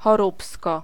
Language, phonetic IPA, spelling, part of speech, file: Polish, [xɔˈrupskɔ], choróbsko, noun, Pl-choróbsko.ogg